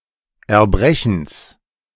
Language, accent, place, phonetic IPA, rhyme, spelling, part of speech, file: German, Germany, Berlin, [ɛɐ̯ˈbʁɛçn̩s], -ɛçn̩s, Erbrechens, noun, De-Erbrechens.ogg
- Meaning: genitive singular of Erbrechen